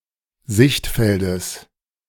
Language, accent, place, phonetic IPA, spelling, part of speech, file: German, Germany, Berlin, [ˈzɪçtˌfɛldəs], Sichtfeldes, noun, De-Sichtfeldes.ogg
- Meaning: genitive of Sichtfeld